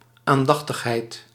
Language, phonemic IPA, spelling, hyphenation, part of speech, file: Dutch, /ˌaːnˈdɑx.təx.ɦɛi̯t/, aandachtigheid, aan‧dach‧tig‧heid, noun, Nl-aandachtigheid.ogg
- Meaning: attentiveness, attention